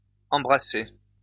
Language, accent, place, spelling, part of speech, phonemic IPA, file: French, France, Lyon, embrassés, verb, /ɑ̃.bʁa.se/, LL-Q150 (fra)-embrassés.wav
- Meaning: masculine plural of embrassé